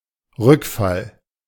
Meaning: relapse
- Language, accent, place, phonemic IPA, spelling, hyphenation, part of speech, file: German, Germany, Berlin, /ˈʁʏkˌfal/, Rückfall, Rück‧fall, noun, De-Rückfall.ogg